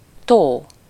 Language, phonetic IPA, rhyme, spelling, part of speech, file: Hungarian, [ˈtoː], -toː, tó, noun, Hu-tó.ogg
- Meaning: lake